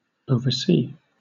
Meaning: 1. To survey, look at something in a wide angle 2. To supervise, guide, review or direct the actions of a person or group 3. To inspect, examine 4. To fail to see; to overlook, ignore
- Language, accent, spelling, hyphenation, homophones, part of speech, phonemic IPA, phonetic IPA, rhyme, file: English, Southern England, oversee, over‧see, oversea, verb, /ˌəʊ.vəˈsiː/, [ˌəʊ̯.vəˈsiː], -iː, LL-Q1860 (eng)-oversee.wav